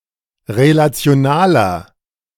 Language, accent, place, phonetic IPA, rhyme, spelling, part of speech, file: German, Germany, Berlin, [ʁelat͡si̯oˈnaːlɐ], -aːlɐ, relationaler, adjective, De-relationaler.ogg
- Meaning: inflection of relational: 1. strong/mixed nominative masculine singular 2. strong genitive/dative feminine singular 3. strong genitive plural